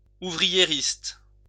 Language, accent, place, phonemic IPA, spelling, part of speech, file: French, France, Lyon, /u.vʁi.je.ʁist/, ouvriériste, adjective / noun, LL-Q150 (fra)-ouvriériste.wav
- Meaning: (adjective) ouvrierist, workerist